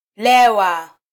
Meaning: to be drunk
- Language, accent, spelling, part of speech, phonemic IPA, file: Swahili, Kenya, lewa, verb, /ˈlɛ.wɑ/, Sw-ke-lewa.flac